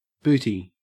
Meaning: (noun) 1. A form of prize which, when a ship was captured at sea, could be distributed at once 2. Plunder taken from an enemy in time of war, or seized by piracy
- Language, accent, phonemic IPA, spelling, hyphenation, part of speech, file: English, Australia, /ˈbʉːti/, booty, boo‧ty, noun / verb / adjective, En-au-booty.ogg